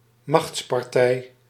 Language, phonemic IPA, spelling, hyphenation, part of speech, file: Dutch, /ˈmɑxts.pɑrˌtɛi̯/, machtspartij, machts‧par‧tij, noun, Nl-machtspartij.ogg
- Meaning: a political party that has adapted to elite preferences in order to increase its probability of entering government, rather than to maximise advocacy or implementation of its ideals